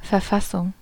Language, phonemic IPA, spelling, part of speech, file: German, /fɛɐ̯ˈfasʊŋ/, Verfassung, noun, De-Verfassung.ogg
- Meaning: 1. constitution 2. condition, state 3. writing, composition, drafting